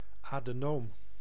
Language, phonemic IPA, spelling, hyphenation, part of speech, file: Dutch, /aːdəˈnoːm/, adenoom, ade‧noom, noun, Nl-adenoom.ogg
- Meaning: adenoma (benign tumour)